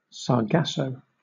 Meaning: 1. A brown alga, of the genus Sargassum, that forms large, floating masses 2. Also Sargasso: a confused, tangled mass or situation
- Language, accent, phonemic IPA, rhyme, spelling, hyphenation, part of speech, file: English, Southern England, /sɑːˈɡæsəʊ/, -æsəʊ, sargasso, sar‧gas‧so, noun, LL-Q1860 (eng)-sargasso.wav